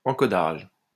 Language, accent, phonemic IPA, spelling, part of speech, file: French, France, /ɑ̃.kɔ.daʒ/, encodage, noun, LL-Q150 (fra)-encodage.wav
- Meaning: encoding